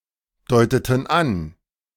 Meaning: inflection of andeuten: 1. first/third-person plural preterite 2. first/third-person plural subjunctive II
- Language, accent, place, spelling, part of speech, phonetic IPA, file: German, Germany, Berlin, deuteten an, verb, [ˌdɔɪ̯tətn̩ ˈan], De-deuteten an.ogg